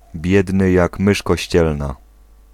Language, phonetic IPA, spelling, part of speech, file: Polish, [ˈbʲjɛdnɨ ˈjak ˈmɨʃ kɔɕˈt͡ɕɛlna], biedny jak mysz kościelna, adjectival phrase, Pl-biedny jak mysz kościelna.ogg